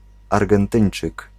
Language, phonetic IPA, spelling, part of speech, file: Polish, [ˌarɡɛ̃nˈtɨ̃j̃n͇t͡ʃɨk], Argentyńczyk, noun, Pl-Argentyńczyk.ogg